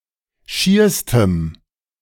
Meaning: strong dative masculine/neuter singular superlative degree of schier
- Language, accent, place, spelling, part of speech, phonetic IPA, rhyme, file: German, Germany, Berlin, schierstem, adjective, [ˈʃiːɐ̯stəm], -iːɐ̯stəm, De-schierstem.ogg